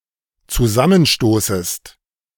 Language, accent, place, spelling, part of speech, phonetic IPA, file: German, Germany, Berlin, zusammenstoßest, verb, [t͡suˈzamənˌʃtoːsəst], De-zusammenstoßest.ogg
- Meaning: second-person singular dependent subjunctive I of zusammenstoßen